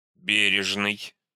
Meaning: 1. careful 2. caring, attentive 3. thrifty, economical
- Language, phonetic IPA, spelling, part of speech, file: Russian, [ˈbʲerʲɪʐnɨj], бережный, adjective, Ru-бережный.ogg